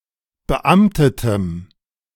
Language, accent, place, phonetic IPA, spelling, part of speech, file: German, Germany, Berlin, [bəˈʔamtətəm], beamtetem, adjective, De-beamtetem.ogg
- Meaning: strong dative masculine/neuter singular of beamtet